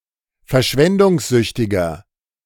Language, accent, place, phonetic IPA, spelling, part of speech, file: German, Germany, Berlin, [fɛɐ̯ˈʃvɛndʊŋsˌzʏçtɪɡɐ], verschwendungssüchtiger, adjective, De-verschwendungssüchtiger.ogg
- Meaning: 1. comparative degree of verschwendungssüchtig 2. inflection of verschwendungssüchtig: strong/mixed nominative masculine singular